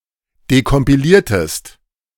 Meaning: inflection of dekompilieren: 1. second-person singular preterite 2. second-person singular subjunctive II
- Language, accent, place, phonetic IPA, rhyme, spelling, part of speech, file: German, Germany, Berlin, [dekɔmpiˈliːɐ̯təst], -iːɐ̯təst, dekompiliertest, verb, De-dekompiliertest.ogg